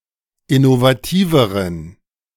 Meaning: inflection of innovativ: 1. strong genitive masculine/neuter singular comparative degree 2. weak/mixed genitive/dative all-gender singular comparative degree
- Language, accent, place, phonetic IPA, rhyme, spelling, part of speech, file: German, Germany, Berlin, [ɪnovaˈtiːvəʁən], -iːvəʁən, innovativeren, adjective, De-innovativeren.ogg